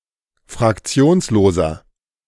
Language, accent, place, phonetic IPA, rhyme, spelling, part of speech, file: German, Germany, Berlin, [fʁakˈt͡si̯oːnsloːzɐ], -oːnsloːzɐ, fraktionsloser, adjective, De-fraktionsloser.ogg
- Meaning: inflection of fraktionslos: 1. strong/mixed nominative masculine singular 2. strong genitive/dative feminine singular 3. strong genitive plural